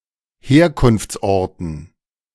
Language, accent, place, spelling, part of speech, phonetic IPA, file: German, Germany, Berlin, Herkunftsorten, noun, [ˈheːɐ̯kʊnft͡sˌʔɔʁtn̩], De-Herkunftsorten.ogg
- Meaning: dative plural of Herkunftsort